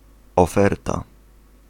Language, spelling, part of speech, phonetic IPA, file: Polish, oferta, noun, [ɔˈfɛrta], Pl-oferta.ogg